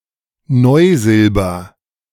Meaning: nickel silver, German silver
- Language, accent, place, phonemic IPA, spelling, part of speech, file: German, Germany, Berlin, /ˈnɔɪ̯ˌzɪlbɐ/, Neusilber, noun, De-Neusilber.ogg